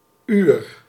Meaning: 1. an hour, a period of time 2. the hour, the time of day 3. o'clock
- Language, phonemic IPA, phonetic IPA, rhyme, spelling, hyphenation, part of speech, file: Dutch, /yr/, [yːr], -yr, uur, uur, noun, Nl-uur.ogg